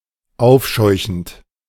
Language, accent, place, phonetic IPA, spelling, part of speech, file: German, Germany, Berlin, [ˈaʊ̯fˌʃɔɪ̯çn̩t], aufscheuchend, verb, De-aufscheuchend.ogg
- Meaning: present participle of aufscheuchen